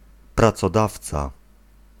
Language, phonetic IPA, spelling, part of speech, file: Polish, [ˌprat͡sɔˈdaft͡sa], pracodawca, noun, Pl-pracodawca.ogg